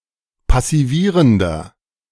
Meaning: inflection of passivierend: 1. strong/mixed nominative masculine singular 2. strong genitive/dative feminine singular 3. strong genitive plural
- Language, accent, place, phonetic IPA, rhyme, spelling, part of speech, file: German, Germany, Berlin, [pasiˈviːʁəndɐ], -iːʁəndɐ, passivierender, adjective, De-passivierender.ogg